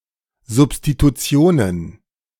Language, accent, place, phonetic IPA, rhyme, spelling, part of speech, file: German, Germany, Berlin, [zʊpstituˈt͡si̯oːnən], -oːnən, Substitutionen, noun, De-Substitutionen.ogg
- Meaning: plural of Substitution